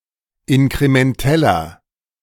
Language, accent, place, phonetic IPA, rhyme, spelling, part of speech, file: German, Germany, Berlin, [ɪnkʁemɛnˈtɛlɐ], -ɛlɐ, inkrementeller, adjective, De-inkrementeller.ogg
- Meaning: inflection of inkrementell: 1. strong/mixed nominative masculine singular 2. strong genitive/dative feminine singular 3. strong genitive plural